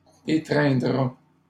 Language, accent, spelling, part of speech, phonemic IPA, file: French, Canada, étreindra, verb, /e.tʁɛ̃.dʁa/, LL-Q150 (fra)-étreindra.wav
- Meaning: third-person singular future of étreindre